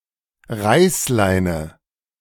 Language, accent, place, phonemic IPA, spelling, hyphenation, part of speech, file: German, Germany, Berlin, /ˈʁaɪ̯sˌlaɪ̯nə/, Reißleine, Reiß‧lei‧ne, noun, De-Reißleine.ogg
- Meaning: ripcord